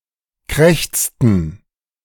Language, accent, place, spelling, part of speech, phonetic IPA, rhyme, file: German, Germany, Berlin, krächzten, verb, [ˈkʁɛçt͡stn̩], -ɛçt͡stn̩, De-krächzten.ogg
- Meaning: inflection of krächzen: 1. first/third-person plural preterite 2. first/third-person plural subjunctive II